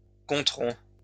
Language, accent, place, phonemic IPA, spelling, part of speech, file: French, France, Lyon, /kɔ̃.tʁɔ̃/, compteront, verb, LL-Q150 (fra)-compteront.wav
- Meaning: third-person plural future of compter